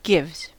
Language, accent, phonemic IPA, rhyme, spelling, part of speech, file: English, US, /ɡɪvz/, -ɪvz, gives, verb, En-us-gives.ogg
- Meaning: third-person singular simple present indicative of give